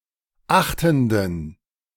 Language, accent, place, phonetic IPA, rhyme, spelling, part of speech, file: German, Germany, Berlin, [ˈaxtn̩dən], -axtn̩dən, achtenden, adjective, De-achtenden.ogg
- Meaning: inflection of achtend: 1. strong genitive masculine/neuter singular 2. weak/mixed genitive/dative all-gender singular 3. strong/weak/mixed accusative masculine singular 4. strong dative plural